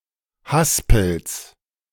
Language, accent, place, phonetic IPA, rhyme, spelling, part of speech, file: German, Germany, Berlin, [ˈhaspl̩s], -aspl̩s, Haspels, noun, De-Haspels.ogg
- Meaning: genitive singular of Haspel